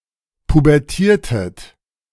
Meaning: inflection of pubertieren: 1. second-person plural preterite 2. second-person plural subjunctive II
- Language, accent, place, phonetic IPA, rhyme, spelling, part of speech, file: German, Germany, Berlin, [pubɛʁˈtiːɐ̯tət], -iːɐ̯tət, pubertiertet, verb, De-pubertiertet.ogg